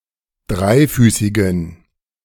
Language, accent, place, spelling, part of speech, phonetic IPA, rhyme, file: German, Germany, Berlin, dreifüßigen, adjective, [ˈdʁaɪ̯ˌfyːsɪɡn̩], -aɪ̯fyːsɪɡn̩, De-dreifüßigen.ogg
- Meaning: inflection of dreifüßig: 1. strong genitive masculine/neuter singular 2. weak/mixed genitive/dative all-gender singular 3. strong/weak/mixed accusative masculine singular 4. strong dative plural